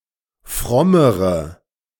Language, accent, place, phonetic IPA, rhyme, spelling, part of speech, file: German, Germany, Berlin, [ˈfʁɔməʁə], -ɔməʁə, frommere, adjective, De-frommere.ogg
- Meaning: inflection of fromm: 1. strong/mixed nominative/accusative feminine singular comparative degree 2. strong nominative/accusative plural comparative degree